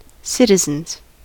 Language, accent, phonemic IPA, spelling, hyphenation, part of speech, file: English, US, /ˈsɪt.ɪ.zənz/, citizens, cit‧i‧zens, noun, En-us-citizens.ogg
- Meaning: plural of citizen